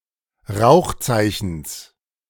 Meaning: genitive singular of Rauchzeichen
- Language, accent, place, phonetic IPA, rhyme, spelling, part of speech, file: German, Germany, Berlin, [ˈʁaʊ̯xˌt͡saɪ̯çn̩s], -aʊ̯xt͡saɪ̯çn̩s, Rauchzeichens, noun, De-Rauchzeichens.ogg